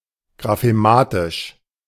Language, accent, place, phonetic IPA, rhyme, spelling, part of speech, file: German, Germany, Berlin, [ɡʁafeˈmaːtɪʃ], -aːtɪʃ, graphematisch, adjective, De-graphematisch.ogg
- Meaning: graphemic